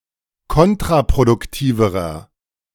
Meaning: inflection of kontraproduktiv: 1. strong/mixed nominative masculine singular comparative degree 2. strong genitive/dative feminine singular comparative degree
- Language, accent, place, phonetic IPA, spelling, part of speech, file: German, Germany, Berlin, [ˈkɔntʁapʁodʊkˌtiːvəʁɐ], kontraproduktiverer, adjective, De-kontraproduktiverer.ogg